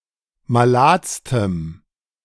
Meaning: strong dative masculine/neuter singular superlative degree of malad
- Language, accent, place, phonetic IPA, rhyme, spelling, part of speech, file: German, Germany, Berlin, [maˈlaːt͡stəm], -aːt͡stəm, maladstem, adjective, De-maladstem.ogg